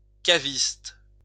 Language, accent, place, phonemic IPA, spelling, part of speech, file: French, France, Lyon, /ka.vist/, caviste, noun, LL-Q150 (fra)-caviste.wav
- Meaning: cellarman (person in charge of a wine cellar)